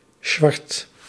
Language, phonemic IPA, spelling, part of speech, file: Dutch, /swɑrt/, Swart, proper noun, Nl-Swart.ogg
- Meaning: a surname